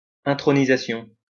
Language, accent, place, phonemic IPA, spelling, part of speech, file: French, France, Lyon, /ɛ̃.tʁɔ.ni.za.sjɔ̃/, intronisation, noun, LL-Q150 (fra)-intronisation.wav
- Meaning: enthronement